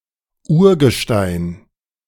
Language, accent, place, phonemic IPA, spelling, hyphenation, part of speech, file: German, Germany, Berlin, /ˈuːɐ̯ɡəˌʃtaɪ̯n/, Urgestein, Ur‧ge‧stein, noun, De-Urgestein.ogg
- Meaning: 1. primary rock, such as granite, gneiss, etc 2. an institution in a company or organization, a founding father, a veteran, etc